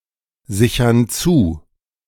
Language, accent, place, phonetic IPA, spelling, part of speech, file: German, Germany, Berlin, [ˌzɪçɐn ˈt͡suː], sichern zu, verb, De-sichern zu.ogg
- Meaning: inflection of zusichern: 1. first/third-person plural present 2. first/third-person plural subjunctive I